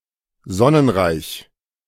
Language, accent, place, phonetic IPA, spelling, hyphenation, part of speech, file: German, Germany, Berlin, [ˈzɔnənˌʁaɪ̯ç], sonnenreich, son‧nen‧reich, adjective, De-sonnenreich.ogg
- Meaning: sunny